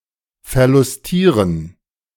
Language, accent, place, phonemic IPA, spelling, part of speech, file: German, Germany, Berlin, /fɛɐ̯lʊsˈtiːʁən/, verlustieren, verb, De-verlustieren.ogg
- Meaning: to have fun, enjoy oneself